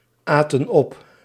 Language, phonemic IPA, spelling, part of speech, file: Dutch, /ˈatə(n) ˈɔp/, aten op, verb, Nl-aten op.ogg
- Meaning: inflection of opeten: 1. plural past indicative 2. plural past subjunctive